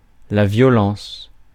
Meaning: 1. violence 2. act of violence
- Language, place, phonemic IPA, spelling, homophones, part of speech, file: French, Paris, /vjɔ.lɑ̃s/, violence, violences, noun, Fr-violence.ogg